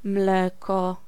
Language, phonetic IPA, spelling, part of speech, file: Polish, [ˈmlɛkɔ], mleko, noun, Pl-mleko.ogg